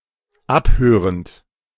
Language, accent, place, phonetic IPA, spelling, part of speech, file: German, Germany, Berlin, [ˈapˌhøːʁənt], abhörend, verb, De-abhörend.ogg
- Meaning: present participle of abhören